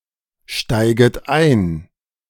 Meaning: second-person plural subjunctive I of einsteigen
- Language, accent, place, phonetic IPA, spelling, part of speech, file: German, Germany, Berlin, [ˌʃtaɪ̯ɡət ˈaɪ̯n], steiget ein, verb, De-steiget ein.ogg